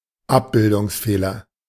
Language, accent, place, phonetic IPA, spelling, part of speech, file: German, Germany, Berlin, [ˈapbɪldʊŋsˌfeːlɐ], Abbildungsfehler, noun, De-Abbildungsfehler.ogg
- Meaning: aberration, image defect